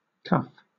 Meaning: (noun) 1. Glove; mitten 2. The end of a shirt sleeve that covers the wrist 3. The end of a pants leg when folded up
- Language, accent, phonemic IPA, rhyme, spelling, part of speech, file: English, Southern England, /kʌf/, -ʌf, cuff, noun / verb, LL-Q1860 (eng)-cuff.wav